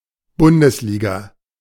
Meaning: A league in which clubs from the entire country participate
- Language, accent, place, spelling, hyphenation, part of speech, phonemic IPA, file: German, Germany, Berlin, Bundesliga, Bun‧des‧li‧ga, noun, /ˈbʊndəsˌliːɡa/, De-Bundesliga.ogg